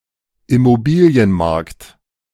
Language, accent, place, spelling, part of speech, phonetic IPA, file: German, Germany, Berlin, Immobilienmarkt, noun, [ɪmoˈbiːli̯ənˌmaʁkt], De-Immobilienmarkt.ogg
- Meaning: property market